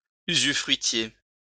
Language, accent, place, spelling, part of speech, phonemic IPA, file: French, France, Lyon, usufruitier, adjective / noun, /y.zy.fʁɥi.tje/, LL-Q150 (fra)-usufruitier.wav
- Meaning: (adjective) usufructuary